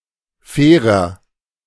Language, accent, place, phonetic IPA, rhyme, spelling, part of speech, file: German, Germany, Berlin, [ˈfɛːʁɐ], -ɛːʁɐ, fairer, adjective, De-fairer.ogg
- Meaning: inflection of fair: 1. strong/mixed nominative masculine singular 2. strong genitive/dative feminine singular 3. strong genitive plural